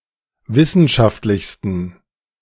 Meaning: 1. superlative degree of wissenschaftlich 2. inflection of wissenschaftlich: strong genitive masculine/neuter singular superlative degree
- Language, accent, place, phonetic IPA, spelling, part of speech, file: German, Germany, Berlin, [ˈvɪsn̩ʃaftlɪçstn̩], wissenschaftlichsten, adjective, De-wissenschaftlichsten.ogg